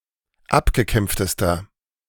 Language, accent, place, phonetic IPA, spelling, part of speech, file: German, Germany, Berlin, [ˈapɡəˌkɛmp͡ftəstɐ], abgekämpftester, adjective, De-abgekämpftester.ogg
- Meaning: inflection of abgekämpft: 1. strong/mixed nominative masculine singular superlative degree 2. strong genitive/dative feminine singular superlative degree 3. strong genitive plural superlative degree